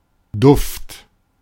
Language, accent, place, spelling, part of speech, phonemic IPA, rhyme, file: German, Germany, Berlin, Duft, noun, /dʊft/, -ʊft, De-Duft.ogg
- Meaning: aroma, fragrance